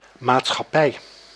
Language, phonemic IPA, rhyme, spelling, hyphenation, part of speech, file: Dutch, /ˌmaːt.sxɑˈpɛi̯/, -ɛi̯, maatschappij, maat‧schap‧pij, noun, Nl-maatschappij.ogg
- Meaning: 1. company 2. society